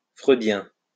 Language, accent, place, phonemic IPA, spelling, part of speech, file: French, France, Lyon, /fʁø.djɛ̃/, freudien, adjective, LL-Q150 (fra)-freudien.wav
- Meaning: Freudian